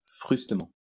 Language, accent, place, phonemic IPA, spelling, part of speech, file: French, France, Lyon, /fʁys.tə.mɑ̃/, frustement, adverb, LL-Q150 (fra)-frustement.wav
- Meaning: roughly, coarsely